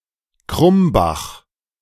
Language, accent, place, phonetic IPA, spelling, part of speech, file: German, Germany, Berlin, [ˈkʁʊmbax], Krumbach, proper noun, De-Krumbach.ogg
- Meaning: 1. a surname 2. a municipality of Lower Austria, Austria 3. a municipality of Vorarlberg, Austria 4. a municipality of Bavaria, Germany